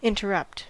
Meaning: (verb) 1. To disturb or halt (an ongoing process or action, or the person performing it) by interfering suddenly, especially by speaking 2. To divide; to separate; to break the monotony of
- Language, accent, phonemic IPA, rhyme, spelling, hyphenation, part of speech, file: English, US, /ˌɪntəˈɹʌpt/, -ʌpt, interrupt, in‧ter‧rupt, verb / noun, En-us-interrupt.ogg